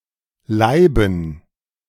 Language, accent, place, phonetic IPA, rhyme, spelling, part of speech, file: German, Germany, Berlin, [ˈlaɪ̯bn̩], -aɪ̯bn̩, Laiben, noun, De-Laiben.ogg
- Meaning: dative plural of Laib